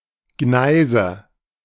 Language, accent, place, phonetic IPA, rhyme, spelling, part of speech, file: German, Germany, Berlin, [ˈɡnaɪ̯zə], -aɪ̯zə, Gneise, noun, De-Gneise.ogg
- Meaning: 1. nominative/accusative/genitive plural of Gneis 2. dative singular of Gneis